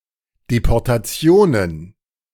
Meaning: plural of Deportation
- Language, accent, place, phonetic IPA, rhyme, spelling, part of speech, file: German, Germany, Berlin, [depɔʁtaˈt͡si̯oːnən], -oːnən, Deportationen, noun, De-Deportationen.ogg